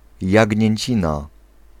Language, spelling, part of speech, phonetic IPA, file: Polish, jagnięcina, noun, [ˌjäɟɲɛ̇̃ɲˈt͡ɕĩna], Pl-jagnięcina.ogg